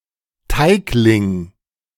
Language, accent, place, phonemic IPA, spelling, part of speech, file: German, Germany, Berlin, /ˈtaɪ̯klɪŋ/, Teigling, noun, De-Teigling.ogg
- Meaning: A piece of dough